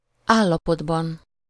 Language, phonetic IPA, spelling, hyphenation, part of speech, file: Hungarian, [ˈaːlːɒpodbɒn], állapotban, ál‧la‧pot‧ban, noun, Hu-állapotban.ogg
- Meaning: inessive singular of állapot